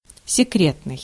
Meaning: 1. secret 2. clandestine (secret; covert, as a clandestine organization) 3. covert
- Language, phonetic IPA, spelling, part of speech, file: Russian, [sʲɪˈkrʲetnɨj], секретный, adjective, Ru-секретный.ogg